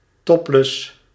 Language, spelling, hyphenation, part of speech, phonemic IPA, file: Dutch, topless, top‧less, adjective, /ˈtɔp.ləs/, Nl-topless.ogg
- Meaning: topless (lacking clothes on the upper part of the body)